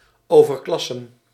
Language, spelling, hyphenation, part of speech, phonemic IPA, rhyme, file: Dutch, overklassen, over‧klas‧sen, verb, /ˌoː.vərˈklɑ.sən/, -ɑsən, Nl-overklassen.ogg
- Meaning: to outclass